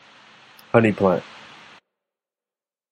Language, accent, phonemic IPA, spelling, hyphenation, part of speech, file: English, General American, /ˈhʌni ˌplænt/, honey plant, hon‧ey plant, noun, En-us-honey plant.flac
- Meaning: Any plant from which bees usually collect nectar, pollen, or both for making honey